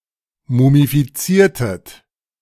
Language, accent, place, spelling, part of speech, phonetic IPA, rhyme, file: German, Germany, Berlin, mumifiziertet, verb, [mumifiˈt͡siːɐ̯tət], -iːɐ̯tət, De-mumifiziertet.ogg
- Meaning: inflection of mumifizieren: 1. second-person plural preterite 2. second-person plural subjunctive II